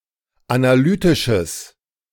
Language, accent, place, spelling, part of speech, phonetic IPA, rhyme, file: German, Germany, Berlin, analytisches, adjective, [anaˈlyːtɪʃəs], -yːtɪʃəs, De-analytisches.ogg
- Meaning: strong/mixed nominative/accusative neuter singular of analytisch